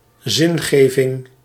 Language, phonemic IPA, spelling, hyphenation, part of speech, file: Dutch, /ˈzɪnˌɣeː.vɪŋ/, zingeving, zin‧ge‧ving, noun, Nl-zingeving.ogg
- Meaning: search for or construal of meaning, meaning-making, existential meaning